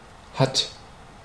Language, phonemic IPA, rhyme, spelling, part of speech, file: German, /hat/, -at, hat, verb, De-hat.ogg
- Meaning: third-person singular present of haben